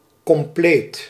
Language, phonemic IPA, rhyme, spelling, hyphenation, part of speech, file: Dutch, /kɔmˈpleːt/, -eːt, compleet, com‧pleet, adverb / adjective, Nl-compleet.ogg
- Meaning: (adverb) completely, thoroughly; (adjective) complete